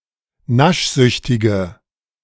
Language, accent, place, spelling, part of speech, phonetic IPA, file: German, Germany, Berlin, naschsüchtige, adjective, [ˈnaʃˌzʏçtɪɡə], De-naschsüchtige.ogg
- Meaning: inflection of naschsüchtig: 1. strong/mixed nominative/accusative feminine singular 2. strong nominative/accusative plural 3. weak nominative all-gender singular